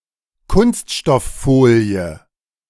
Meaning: plastic film or foil
- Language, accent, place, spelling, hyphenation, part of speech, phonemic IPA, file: German, Germany, Berlin, Kunststofffolie, Kunst‧stoff‧fo‧lie, noun, /ˈkʊnstʃtɔfˌfoːli̯ə/, De-Kunststofffolie.ogg